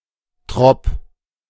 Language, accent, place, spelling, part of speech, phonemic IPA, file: German, Germany, Berlin, -trop, suffix, /tʁɔp/, De--trop.ogg
- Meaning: Placename suffix found chiefly in north-western Germany